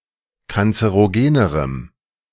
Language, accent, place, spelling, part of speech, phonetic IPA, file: German, Germany, Berlin, kanzerogenerem, adjective, [kant͡səʁoˈɡeːnəʁəm], De-kanzerogenerem.ogg
- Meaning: strong dative masculine/neuter singular comparative degree of kanzerogen